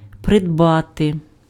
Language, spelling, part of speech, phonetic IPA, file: Ukrainian, придбати, verb, [predˈbate], Uk-придбати.ogg
- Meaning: 1. to acquire, to obtain, to gain 2. to purchase